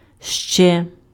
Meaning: 1. yet, more 2. else 3. still
- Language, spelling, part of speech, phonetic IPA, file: Ukrainian, ще, adverb, [ʃt͡ʃɛ], Uk-ще.ogg